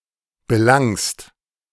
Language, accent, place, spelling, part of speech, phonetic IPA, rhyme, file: German, Germany, Berlin, belangst, verb, [bəˈlaŋst], -aŋst, De-belangst.ogg
- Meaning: second-person singular present of belangen